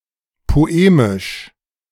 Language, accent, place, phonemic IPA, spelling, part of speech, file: German, Germany, Berlin, /poˈeːmɪʃ/, poemisch, adjective, De-poemisch.ogg
- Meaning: eloquent, poetic